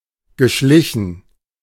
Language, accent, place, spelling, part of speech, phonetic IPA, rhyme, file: German, Germany, Berlin, geschlichen, verb, [ɡəˈʃlɪçn̩], -ɪçn̩, De-geschlichen.ogg
- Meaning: past participle of schleichen